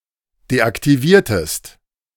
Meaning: inflection of deaktivieren: 1. second-person singular preterite 2. second-person singular subjunctive II
- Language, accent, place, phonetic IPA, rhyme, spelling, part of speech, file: German, Germany, Berlin, [deʔaktiˈviːɐ̯təst], -iːɐ̯təst, deaktiviertest, verb, De-deaktiviertest.ogg